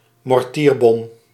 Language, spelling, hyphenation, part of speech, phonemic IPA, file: Dutch, mortierbom, mor‧tier‧bom, noun, /mɔrˈtiːrˌbɔm/, Nl-mortierbom.ogg
- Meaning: 1. fireworks shell 2. mortar shell